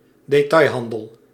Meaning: retail business
- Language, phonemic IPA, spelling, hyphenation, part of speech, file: Dutch, /deːˈtɑi̯ˌɦɑn.dəl/, detailhandel, de‧tail‧han‧del, noun, Nl-detailhandel.ogg